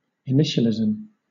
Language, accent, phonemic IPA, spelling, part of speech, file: English, Southern England, /ɪˈnɪʃəlɪzəm/, initialism, noun, LL-Q1860 (eng)-initialism.wav
- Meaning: 1. A term formed from the initial letters of several words or parts of words, which is itself pronounced letter by letter 2. The process of forming words or terms using initial letters of other words